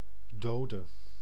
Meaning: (noun) 1. a deceased person 2. a casualty, victim of a fatal killing, illness, accident etc; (adjective) inflection of dood: masculine/feminine singular attributive
- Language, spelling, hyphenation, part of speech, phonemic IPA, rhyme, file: Dutch, dode, do‧de, noun / adjective / verb, /ˈdoː.də/, -oːdə, Nl-dode.ogg